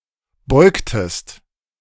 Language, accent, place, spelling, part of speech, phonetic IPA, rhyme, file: German, Germany, Berlin, beugtest, verb, [ˈbɔɪ̯ktəst], -ɔɪ̯ktəst, De-beugtest.ogg
- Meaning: inflection of beugen: 1. second-person singular preterite 2. second-person singular subjunctive II